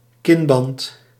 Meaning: chinstrap
- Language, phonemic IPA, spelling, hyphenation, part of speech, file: Dutch, /ˈkɪn.bɑnt/, kinband, kin‧band, noun, Nl-kinband.ogg